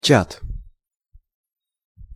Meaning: chat (exchange of text or voice messages in real time)
- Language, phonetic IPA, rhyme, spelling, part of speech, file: Russian, [t͡ɕat], -at, чат, noun, Ru-чат.ogg